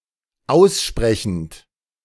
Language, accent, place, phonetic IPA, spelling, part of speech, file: German, Germany, Berlin, [ˈaʊ̯sˌʃpʁɛçn̩t], aussprechend, verb, De-aussprechend.ogg
- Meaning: present participle of aussprechen